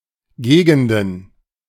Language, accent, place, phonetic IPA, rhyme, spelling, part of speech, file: German, Germany, Berlin, [ˈɡeːɡn̩dən], -eːɡn̩dən, Gegenden, noun, De-Gegenden.ogg
- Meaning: plural of Gegend